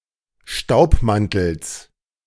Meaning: genitive of Staubmantel
- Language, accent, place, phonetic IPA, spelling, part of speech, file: German, Germany, Berlin, [ˈʃtaʊ̯pˌmantl̩s], Staubmantels, noun, De-Staubmantels.ogg